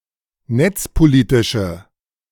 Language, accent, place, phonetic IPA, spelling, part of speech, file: German, Germany, Berlin, [ˈnɛt͡spoˌliːtɪʃə], netzpolitische, adjective, De-netzpolitische.ogg
- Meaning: inflection of netzpolitisch: 1. strong/mixed nominative/accusative feminine singular 2. strong nominative/accusative plural 3. weak nominative all-gender singular